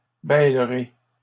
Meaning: second-person plural simple future of bêler
- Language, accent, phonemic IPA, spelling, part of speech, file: French, Canada, /bɛl.ʁe/, bêlerez, verb, LL-Q150 (fra)-bêlerez.wav